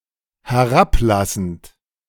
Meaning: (verb) present participle of herablassen; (adjective) condescending (assuming a tone of superiority or a patronizing attitude)
- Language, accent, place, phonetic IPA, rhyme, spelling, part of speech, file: German, Germany, Berlin, [hɛˈʁapˌlasn̩t], -aplasn̩t, herablassend, adjective / verb, De-herablassend.ogg